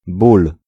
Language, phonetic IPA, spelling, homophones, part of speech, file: Polish, [bul], ból, bul, noun, Pl-ból.ogg